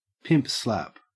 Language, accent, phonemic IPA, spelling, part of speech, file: English, Australia, /ˈpɪmp slæp/, pimp slap, noun / verb, En-au-pimp slap.ogg
- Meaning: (noun) A powerful slap to the face; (verb) Alternative form of pimp-slap